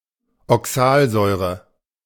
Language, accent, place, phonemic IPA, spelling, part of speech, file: German, Germany, Berlin, /ɔˈksaːlˌzɔʏ̯ʁə/, Oxalsäure, noun, De-Oxalsäure.ogg
- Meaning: oxalic acid